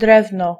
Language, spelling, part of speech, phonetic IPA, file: Polish, drewno, noun, [ˈdrɛvnɔ], Pl-drewno.ogg